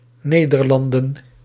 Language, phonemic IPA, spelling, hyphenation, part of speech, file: Dutch, /ˈneː.dərˌlɑn.də(n)/, Nederlanden, Ne‧der‧lan‧den, proper noun, Nl-Nederlanden.ogg